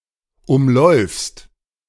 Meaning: second-person singular present of umlaufen
- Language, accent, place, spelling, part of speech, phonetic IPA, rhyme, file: German, Germany, Berlin, umläufst, verb, [ˌʊmˈlɔɪ̯fst], -ɔɪ̯fst, De-umläufst.ogg